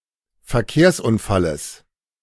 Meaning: genitive of Verkehrsunfall
- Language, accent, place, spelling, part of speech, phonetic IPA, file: German, Germany, Berlin, Verkehrsunfalles, noun, [fɛɐ̯ˈkeːɐ̯sʔʊnˌfaləs], De-Verkehrsunfalles.ogg